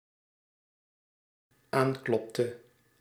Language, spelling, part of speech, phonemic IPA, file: Dutch, aanklopte, verb, /ˈaŋklɔptə/, Nl-aanklopte.ogg
- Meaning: inflection of aankloppen: 1. singular dependent-clause past indicative 2. singular dependent-clause past subjunctive